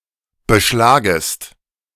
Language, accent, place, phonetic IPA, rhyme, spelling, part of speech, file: German, Germany, Berlin, [bəˈʃlaːɡəst], -aːɡəst, beschlagest, verb, De-beschlagest.ogg
- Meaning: second-person singular subjunctive I of beschlagen